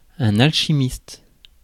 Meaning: an alchemist; one who practices alchemy
- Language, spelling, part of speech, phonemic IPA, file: French, alchimiste, noun, /al.ʃi.mist/, Fr-alchimiste.ogg